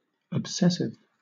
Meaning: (adjective) 1. Prone to cause obsession 2. Having one thought or pursuing one activity (an obsession) to the absolute or nearly absolute exclusion of all others 3. Excessive, as results from obsession
- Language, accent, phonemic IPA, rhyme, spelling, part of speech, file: English, Southern England, /əbˈsɛs.ɪv/, -ɛsɪv, obsessive, adjective / noun, LL-Q1860 (eng)-obsessive.wav